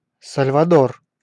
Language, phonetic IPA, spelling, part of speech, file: Russian, [səlʲvədər], Сальвадор, proper noun, Ru-Сальвадор.ogg
- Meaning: 1. El Salvador (a country in Central America) 2. Salvador (the capital city of the state of Bahia, Brazil)